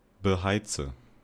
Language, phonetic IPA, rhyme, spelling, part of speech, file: German, [bəˈhaɪ̯t͡sə], -aɪ̯t͡sə, beheize, verb, De-beheize.ogg
- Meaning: inflection of beheizen: 1. first-person singular present 2. first/third-person singular subjunctive I 3. singular imperative